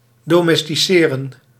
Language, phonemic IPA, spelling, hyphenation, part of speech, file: Dutch, /ˌdoːmɛstiˈseːrə(n)/, domesticeren, do‧mes‧ti‧ce‧ren, verb, Nl-domesticeren.ogg
- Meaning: to domesticate